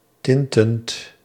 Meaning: present participle of tinten
- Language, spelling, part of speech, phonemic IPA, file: Dutch, tintend, verb, /ˈtɪntənt/, Nl-tintend.ogg